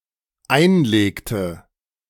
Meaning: inflection of einlegen: 1. first/third-person singular dependent preterite 2. first/third-person singular dependent subjunctive II
- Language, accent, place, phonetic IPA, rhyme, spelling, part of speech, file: German, Germany, Berlin, [ˈaɪ̯nˌleːktə], -aɪ̯nleːktə, einlegte, verb, De-einlegte.ogg